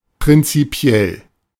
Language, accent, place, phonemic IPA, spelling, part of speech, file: German, Germany, Berlin, /pʁɪntsiˈpi̯ɛl/, prinzipiell, adjective / adverb, De-prinzipiell.ogg
- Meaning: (adjective) 1. fundamental, in principle, on principle, of principle 2. principled; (adverb) as a matter of principle